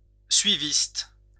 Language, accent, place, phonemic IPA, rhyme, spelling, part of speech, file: French, France, Lyon, /sɥi.vist/, -ist, suiviste, noun, LL-Q150 (fra)-suiviste.wav
- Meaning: conformist (person with a tendency to "follow the herd")